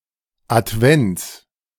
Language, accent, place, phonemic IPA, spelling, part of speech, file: German, Germany, Berlin, /ʔatˈvɛnts/, Advents, noun, De-Advents.ogg
- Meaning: genitive singular of Advent